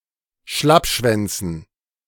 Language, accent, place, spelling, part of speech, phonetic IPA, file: German, Germany, Berlin, Schlappschwänzen, noun, [ˈʃlapˌʃvɛnt͡sn̩], De-Schlappschwänzen.ogg
- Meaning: dative plural of Schlappschwanz